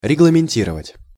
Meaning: to regulate
- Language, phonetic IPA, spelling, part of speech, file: Russian, [rʲɪɡɫəmʲɪnʲˈtʲirəvətʲ], регламентировать, verb, Ru-регламентировать.ogg